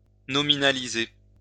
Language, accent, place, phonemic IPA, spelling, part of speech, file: French, France, Lyon, /nɔ.mi.na.li.ze/, nominaliser, verb, LL-Q150 (fra)-nominaliser.wav
- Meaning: nominalize